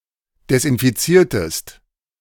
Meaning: inflection of desinfizieren: 1. second-person singular preterite 2. second-person singular subjunctive II
- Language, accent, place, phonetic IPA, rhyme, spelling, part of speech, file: German, Germany, Berlin, [dɛsʔɪnfiˈt͡siːɐ̯təst], -iːɐ̯təst, desinfiziertest, verb, De-desinfiziertest.ogg